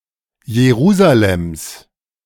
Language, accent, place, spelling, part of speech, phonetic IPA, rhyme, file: German, Germany, Berlin, Jerusalems, noun, [jeˈʁuːzalɛms], -uːzalɛms, De-Jerusalems.ogg
- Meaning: genitive singular of Jerusalem